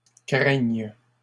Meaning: second-person singular present subjunctive of craindre
- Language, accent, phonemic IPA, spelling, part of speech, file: French, Canada, /kʁɛɲ/, craignes, verb, LL-Q150 (fra)-craignes.wav